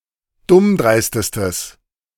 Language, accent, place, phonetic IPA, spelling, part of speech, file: German, Germany, Berlin, [ˈdʊmˌdʁaɪ̯stəstəs], dummdreistestes, adjective, De-dummdreistestes.ogg
- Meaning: strong/mixed nominative/accusative neuter singular superlative degree of dummdreist